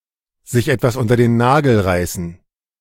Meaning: to acquire, get one's hands on (especially in a forcible or morally questionable way)
- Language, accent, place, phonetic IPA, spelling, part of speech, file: German, Germany, Berlin, [zɪç ˈʔɛt.vas ˌʔʊn.tɐ den ˈnaː.ɡl̩ ˌʁaɪ̯.sn̩], sich etwas unter den Nagel reißen, verb, De-sich etwas unter den Nagel reißen.ogg